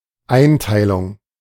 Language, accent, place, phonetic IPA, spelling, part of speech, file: German, Germany, Berlin, [ˈaɪ̯ntaɪ̯lʊŋ], Einteilung, noun, De-Einteilung.ogg
- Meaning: 1. classification, arrangement 2. division